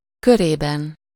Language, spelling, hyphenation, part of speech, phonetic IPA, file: Hungarian, körében, kö‧ré‧ben, noun, [ˈkøreːbɛn], Hu-körében.ogg
- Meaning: inessive singular of köre